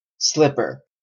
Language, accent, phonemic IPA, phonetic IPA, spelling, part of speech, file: English, Canada, /ˈslɪpəɹ/, [ˈslɪpɚ], slipper, noun / adjective / verb, En-ca-slipper.oga
- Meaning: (noun) 1. A low soft shoe that can be slipped on and off easily 2. A low soft shoe intended for indoor use; a bedroom slipper or house slipper 3. A flip-flop (type of rubber sandal)